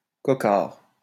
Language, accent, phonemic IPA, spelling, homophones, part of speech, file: French, France, /kɔ.kaʁ/, cocard, cocards / coquard / coquards / coquart / coquarts, noun, LL-Q150 (fra)-cocard.wav
- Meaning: 1. black eye 2. an old cock (rooster)